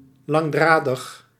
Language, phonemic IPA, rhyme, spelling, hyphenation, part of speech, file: Dutch, /ˌlɑŋˈdraː.dəx/, -aːdəx, langdradig, lang‧dra‧dig, adjective, Nl-langdradig.ogg
- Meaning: 1. longwinded, wordy, prolix 2. consisting of long thread, long threads or other long fibres